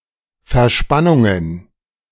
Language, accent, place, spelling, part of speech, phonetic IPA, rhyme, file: German, Germany, Berlin, Verspannungen, noun, [fɛɐ̯ˈʃpanʊŋən], -anʊŋən, De-Verspannungen.ogg
- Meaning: plural of Verspannung